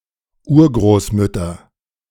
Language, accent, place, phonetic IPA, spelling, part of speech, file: German, Germany, Berlin, [ˈuːɐ̯ɡʁoːsˌmʏtɐ], Urgroßmütter, noun, De-Urgroßmütter.ogg
- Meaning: nominative/accusative/genitive plural of Urgroßmutter